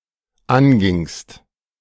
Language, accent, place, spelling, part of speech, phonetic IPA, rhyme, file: German, Germany, Berlin, angingst, verb, [ˈanɡɪŋst], -anɡɪŋst, De-angingst.ogg
- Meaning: second-person singular dependent preterite of angehen